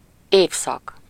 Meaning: season (each of the four divisions of a year: spring, summer, autumn / fall, and winter)
- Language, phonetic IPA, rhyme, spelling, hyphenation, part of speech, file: Hungarian, [ˈeːfsɒk], -ɒk, évszak, év‧szak, noun, Hu-évszak.ogg